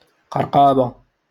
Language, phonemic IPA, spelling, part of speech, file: Moroccan Arabic, /qar.qaː.ba/, قرقابة, noun, LL-Q56426 (ary)-قرقابة.wav
- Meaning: sandal